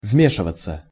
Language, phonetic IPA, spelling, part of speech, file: Russian, [ˈvmʲeʂɨvət͡sə], вмешиваться, verb, Ru-вмешиваться.ogg
- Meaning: 1. to interfere, to intervene 2. to meddle